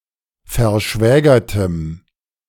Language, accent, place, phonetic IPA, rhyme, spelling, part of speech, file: German, Germany, Berlin, [fɛɐ̯ˈʃvɛːɡɐtəm], -ɛːɡɐtəm, verschwägertem, adjective, De-verschwägertem.ogg
- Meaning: strong dative masculine/neuter singular of verschwägert